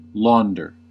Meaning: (noun) A washerwoman or washerman
- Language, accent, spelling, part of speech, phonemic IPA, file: English, US, launder, noun / verb, /ˈlɔndɚ/, En-us-launder.ogg